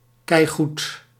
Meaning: damn good
- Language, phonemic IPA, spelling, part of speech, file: Dutch, /ˈkɛiɣut/, keigoed, adjective, Nl-keigoed.ogg